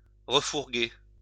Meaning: to palm off, to foist
- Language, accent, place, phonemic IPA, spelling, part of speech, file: French, France, Lyon, /ʁə.fuʁ.ɡe/, refourguer, verb, LL-Q150 (fra)-refourguer.wav